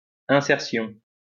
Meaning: insertion
- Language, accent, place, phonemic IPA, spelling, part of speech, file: French, France, Lyon, /ɛ̃.sɛʁ.sjɔ̃/, insertion, noun, LL-Q150 (fra)-insertion.wav